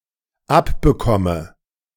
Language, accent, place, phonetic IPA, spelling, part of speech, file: German, Germany, Berlin, [ˈapbəˌkɔmə], abbekomme, verb, De-abbekomme.ogg
- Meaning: inflection of abbekommen: 1. first-person singular dependent present 2. first/third-person singular dependent subjunctive I